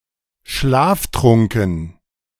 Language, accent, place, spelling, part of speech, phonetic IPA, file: German, Germany, Berlin, schlaftrunken, adjective, [ˈʃlaːfˌtʁʊŋkn̩], De-schlaftrunken.ogg
- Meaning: drowsy, sleep-drunk